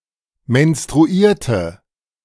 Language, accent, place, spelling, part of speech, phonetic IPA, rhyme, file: German, Germany, Berlin, menstruierte, verb, [mɛnstʁuˈiːɐ̯tə], -iːɐ̯tə, De-menstruierte.ogg
- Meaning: inflection of menstruieren: 1. first/third-person singular preterite 2. first/third-person singular subjunctive II